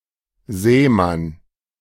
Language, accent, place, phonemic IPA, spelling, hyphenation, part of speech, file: German, Germany, Berlin, /ˈzɛːˌman/, Sämann, Sä‧mann, noun, De-Sämann.ogg
- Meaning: sower